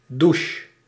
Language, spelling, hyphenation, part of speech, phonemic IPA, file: Dutch, douche, dou‧che, noun / verb, /duʃ/, Nl-douche.ogg
- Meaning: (noun) shower; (verb) singular present subjunctive of douchen